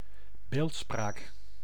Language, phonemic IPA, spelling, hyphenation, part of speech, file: Dutch, /ˈbeːlt.spraːk/, beeldspraak, beeld‧spraak, noun, Nl-beeldspraak.ogg
- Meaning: 1. imagery, figurative language 2. a script (alphabet, syllabary, etc.) that uses recognisably figurative characters